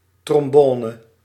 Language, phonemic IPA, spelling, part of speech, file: Dutch, /trɔmˈbɔːnə/, trombone, noun, Nl-trombone.ogg
- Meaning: trombone